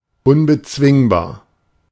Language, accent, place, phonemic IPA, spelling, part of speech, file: German, Germany, Berlin, /ʊnbəˈt͡svɪŋbaːɐ̯/, unbezwingbar, adjective, De-unbezwingbar.ogg
- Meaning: 1. indomitable, invincible 2. impregnable, unassailable 3. uncontrollable 4. irrepressible